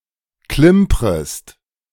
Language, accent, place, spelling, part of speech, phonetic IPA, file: German, Germany, Berlin, klimprest, verb, [ˈklɪmpʁəst], De-klimprest.ogg
- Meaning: second-person singular subjunctive I of klimpern